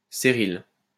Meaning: 1. pied kingfisher 2. ceryl
- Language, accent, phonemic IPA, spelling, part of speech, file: French, France, /se.ʁil/, céryle, noun, LL-Q150 (fra)-céryle.wav